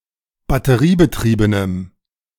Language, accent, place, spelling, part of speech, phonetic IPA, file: German, Germany, Berlin, batteriebetriebenem, adjective, [batəˈʁiːbəˌtʁiːbənəm], De-batteriebetriebenem.ogg
- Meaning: strong dative masculine/neuter singular of batteriebetrieben